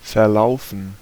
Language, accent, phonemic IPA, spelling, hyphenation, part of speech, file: German, Germany, /fɛɐ̯ˈlau̯fən/, verlaufen, ver‧lau‧fen, verb, De-verlaufen.ogg
- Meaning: 1. to get lost, stray 2. to disperse, scatter 3. to run (extend in a specific direction) 4. to go, proceed (well, poorly, etc.) 5. to peter out 6. to melt